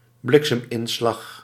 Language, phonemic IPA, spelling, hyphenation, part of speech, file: Dutch, /ˈblɪk.səmˌɪn.slɑx/, blikseminslag, blik‧sem‧in‧slag, noun, Nl-blikseminslag.ogg
- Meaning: lightning strike